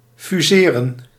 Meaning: to fuse, to merge
- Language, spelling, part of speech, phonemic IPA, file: Dutch, fuseren, verb, /fyˈzeːrə(n)/, Nl-fuseren.ogg